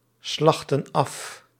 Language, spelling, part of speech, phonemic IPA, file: Dutch, slachten af, verb, /ˈslɑxtə(n) ˈɑf/, Nl-slachten af.ogg
- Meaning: inflection of afslachten: 1. plural present indicative 2. plural present subjunctive